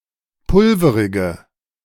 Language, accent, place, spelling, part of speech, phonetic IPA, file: German, Germany, Berlin, pulverige, adjective, [ˈpʊlfəʁɪɡə], De-pulverige.ogg
- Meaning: inflection of pulverig: 1. strong/mixed nominative/accusative feminine singular 2. strong nominative/accusative plural 3. weak nominative all-gender singular